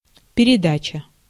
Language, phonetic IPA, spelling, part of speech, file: Russian, [pʲɪrʲɪˈdat͡ɕə], передача, noun, Ru-передача.ogg
- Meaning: 1. delivery 2. communication, handing over, passing, transfer, transmission 3. parcel 4. broadcast, broadcasting, relaying, telecast, transmission 5. television program